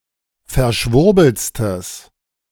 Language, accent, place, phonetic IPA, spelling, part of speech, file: German, Germany, Berlin, [fɛɐ̯ˈʃvʊʁbl̩t͡stəs], verschwurbeltstes, adjective, De-verschwurbeltstes.ogg
- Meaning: strong/mixed nominative/accusative neuter singular superlative degree of verschwurbelt